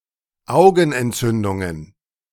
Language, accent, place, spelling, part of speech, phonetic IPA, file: German, Germany, Berlin, Augenentzündungen, noun, [ˈaʊ̯ɡn̩ʔɛntˌt͡sʏndʊŋən], De-Augenentzündungen.ogg
- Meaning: plural of Augenentzündung